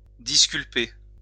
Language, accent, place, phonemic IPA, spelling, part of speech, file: French, France, Lyon, /dis.kyl.pe/, disculper, verb, LL-Q150 (fra)-disculper.wav
- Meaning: to exonerate